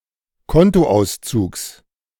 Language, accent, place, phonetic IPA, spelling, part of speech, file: German, Germany, Berlin, [ˈkɔntoˌʔaʊ̯st͡suːks], Kontoauszugs, noun, De-Kontoauszugs.ogg
- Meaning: genitive singular of Kontoauszug